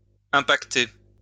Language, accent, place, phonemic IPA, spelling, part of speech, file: French, France, Lyon, /ɛ̃.pak.te/, impacter, verb, LL-Q150 (fra)-impacter.wav
- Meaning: 1. to impact, to collide 2. to influence